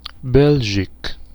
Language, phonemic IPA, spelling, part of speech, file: French, /bɛl.ʒik/, belgique, adjective, Fr-belgique.ogg
- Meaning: Belgian